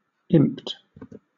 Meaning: simple past and past participle of imp
- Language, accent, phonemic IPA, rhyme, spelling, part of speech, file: English, Southern England, /ɪmpt/, -ɪmpt, imped, verb, LL-Q1860 (eng)-imped.wav